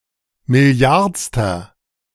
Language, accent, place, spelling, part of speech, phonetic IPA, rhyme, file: German, Germany, Berlin, milliardster, adjective, [mɪˈli̯aʁt͡stɐ], -aʁt͡stɐ, De-milliardster.ogg
- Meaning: inflection of milliardste: 1. strong/mixed nominative masculine singular 2. strong genitive/dative feminine singular 3. strong genitive plural